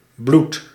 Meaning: very, intensely, incredibly
- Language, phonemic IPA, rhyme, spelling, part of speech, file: Dutch, /blut/, -ut, bloed-, prefix, Nl-bloed-.ogg